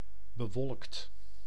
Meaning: cloudy
- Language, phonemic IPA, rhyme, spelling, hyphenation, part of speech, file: Dutch, /bəˈʋɔlkt/, -ɔlkt, bewolkt, be‧wolkt, adjective, Nl-bewolkt.ogg